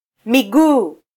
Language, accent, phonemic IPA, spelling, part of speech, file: Swahili, Kenya, /miˈɠuː/, miguu, noun, Sw-ke-miguu.flac
- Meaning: plural of mguu